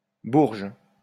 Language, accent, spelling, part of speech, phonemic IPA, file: French, France, bourge, noun, /buʁʒ/, LL-Q150 (fra)-bourge.wav
- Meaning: posho; snob, toff